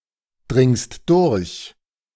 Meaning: second-person singular present of durchdringen
- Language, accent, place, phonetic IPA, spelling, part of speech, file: German, Germany, Berlin, [ˌdʁɪŋst ˈdʊʁç], dringst durch, verb, De-dringst durch.ogg